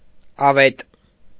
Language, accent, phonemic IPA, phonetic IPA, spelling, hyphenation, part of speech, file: Armenian, Eastern Armenian, /ɑˈvet/, [ɑvét], ավետ, ա‧վետ, noun, Hy-ավետ.ogg
- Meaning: synonym of ավետիս (avetis)